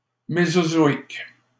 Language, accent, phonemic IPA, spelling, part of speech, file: French, Canada, /me.zo.zɔ.ik/, Mésozoïque, proper noun, LL-Q150 (fra)-Mésozoïque.wav
- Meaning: Mesozoic period